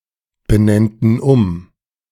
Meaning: first/third-person plural subjunctive II of umbenennen
- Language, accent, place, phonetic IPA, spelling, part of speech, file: German, Germany, Berlin, [bəˌnɛntn̩ ˈʊm], benennten um, verb, De-benennten um.ogg